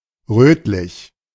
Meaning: reddish
- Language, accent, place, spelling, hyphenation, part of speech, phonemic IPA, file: German, Germany, Berlin, rötlich, röt‧lich, adjective, /ˈrøːtlɪç/, De-rötlich.ogg